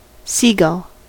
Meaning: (noun) 1. Any of several white, often dark-backed birds of the family Laridae having long, pointed wings and short legs 2. The symbol ̼, which combines under a letter as a sort of accent
- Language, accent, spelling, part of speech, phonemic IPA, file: English, US, seagull, noun / verb, /ˈsiː.ɡʌl/, En-us-seagull.ogg